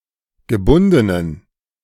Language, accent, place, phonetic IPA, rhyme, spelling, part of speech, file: German, Germany, Berlin, [ɡəˈbʊndənən], -ʊndənən, gebundenen, adjective, De-gebundenen.ogg
- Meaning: inflection of gebunden: 1. strong genitive masculine/neuter singular 2. weak/mixed genitive/dative all-gender singular 3. strong/weak/mixed accusative masculine singular 4. strong dative plural